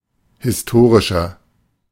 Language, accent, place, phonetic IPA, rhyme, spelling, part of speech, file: German, Germany, Berlin, [hɪsˈtoːʁɪʃɐ], -oːʁɪʃɐ, historischer, adjective, De-historischer.ogg
- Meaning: inflection of historisch: 1. strong/mixed nominative masculine singular 2. strong genitive/dative feminine singular 3. strong genitive plural